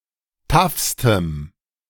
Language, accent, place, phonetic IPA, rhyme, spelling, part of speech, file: German, Germany, Berlin, [ˈtafstəm], -afstəm, taffstem, adjective, De-taffstem.ogg
- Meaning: strong dative masculine/neuter singular superlative degree of taff